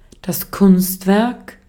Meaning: artwork, work of art, piece of art
- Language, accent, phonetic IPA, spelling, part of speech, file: German, Austria, [ˈkʊnstˌvɛʁk], Kunstwerk, noun, De-at-Kunstwerk.ogg